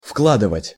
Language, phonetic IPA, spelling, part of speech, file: Russian, [ˈfkɫadɨvətʲ], вкладывать, verb, Ru-вкладывать.ogg
- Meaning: 1. to enclose, to insert, to put in; to sheathe; to embed 2. to invest, to deposit 3. to contribute